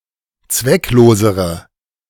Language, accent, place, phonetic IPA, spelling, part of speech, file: German, Germany, Berlin, [ˈt͡svɛkˌloːzəʁə], zwecklosere, adjective, De-zwecklosere.ogg
- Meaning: inflection of zwecklos: 1. strong/mixed nominative/accusative feminine singular comparative degree 2. strong nominative/accusative plural comparative degree